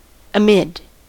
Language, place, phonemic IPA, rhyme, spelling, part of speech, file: English, California, /əˈmɪd/, -ɪd, amid, preposition, En-us-amid.ogg
- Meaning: In the middle of; in the center of; surrounded by